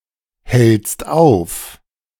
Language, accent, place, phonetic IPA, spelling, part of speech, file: German, Germany, Berlin, [ˌhɛlt͡st ˈaʊ̯f], hältst auf, verb, De-hältst auf.ogg
- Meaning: second-person singular present of aufhalten